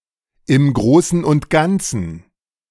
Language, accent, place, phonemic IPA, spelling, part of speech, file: German, Germany, Berlin, /ɪm ˈɡʁoːsən ʊnt ˈɡantsən/, im Großen und Ganzen, adverb, De-im Großen und Ganzen.ogg
- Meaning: all in all, by and large, on the whole